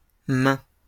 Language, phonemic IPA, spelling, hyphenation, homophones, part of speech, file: French, /mɛ̃/, mains, mains, main / maint / maints, noun, LL-Q150 (fra)-mains.wav
- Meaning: plural of main